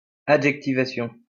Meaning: adjectivization
- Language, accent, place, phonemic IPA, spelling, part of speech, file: French, France, Lyon, /a.dʒɛk.ti.va.sjɔ̃/, adjectivation, noun, LL-Q150 (fra)-adjectivation.wav